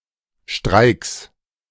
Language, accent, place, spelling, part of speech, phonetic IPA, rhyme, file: German, Germany, Berlin, Streiks, noun, [ʃtʁaɪ̯ks], -aɪ̯ks, De-Streiks.ogg
- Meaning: plural of Streik